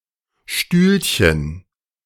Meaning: diminutive of Stuhl
- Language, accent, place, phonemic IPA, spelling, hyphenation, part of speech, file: German, Germany, Berlin, /ˈʃtyːlçən/, Stühlchen, Stühl‧chen, noun, De-Stühlchen.ogg